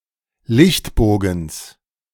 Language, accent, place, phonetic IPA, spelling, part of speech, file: German, Germany, Berlin, [ˈlɪçtˌboːɡn̩s], Lichtbogens, noun, De-Lichtbogens.ogg
- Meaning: genitive singular of Lichtbogen